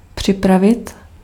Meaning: 1. to prepare 2. to get ready
- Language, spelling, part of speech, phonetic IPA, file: Czech, připravit, verb, [ˈpr̝̊ɪpravɪt], Cs-připravit.ogg